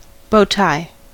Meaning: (noun) 1. A man's necktie tied in a bow around the throat 2. A kind of road intersection. See Bowtie (road)
- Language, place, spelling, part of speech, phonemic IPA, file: English, California, bowtie, noun / adjective, /ˈboʊˌtaɪ/, En-us-bowtie.ogg